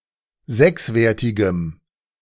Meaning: strong dative masculine/neuter singular of sechswertig
- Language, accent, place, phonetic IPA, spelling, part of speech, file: German, Germany, Berlin, [ˈzɛksˌveːɐ̯tɪɡəm], sechswertigem, adjective, De-sechswertigem.ogg